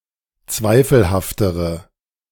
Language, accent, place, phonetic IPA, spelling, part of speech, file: German, Germany, Berlin, [ˈt͡svaɪ̯fl̩haftəʁə], zweifelhaftere, adjective, De-zweifelhaftere.ogg
- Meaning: inflection of zweifelhaft: 1. strong/mixed nominative/accusative feminine singular comparative degree 2. strong nominative/accusative plural comparative degree